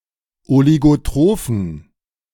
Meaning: inflection of oligotroph: 1. strong genitive masculine/neuter singular 2. weak/mixed genitive/dative all-gender singular 3. strong/weak/mixed accusative masculine singular 4. strong dative plural
- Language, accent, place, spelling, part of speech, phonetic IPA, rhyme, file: German, Germany, Berlin, oligotrophen, adjective, [oliɡoˈtʁoːfn̩], -oːfn̩, De-oligotrophen.ogg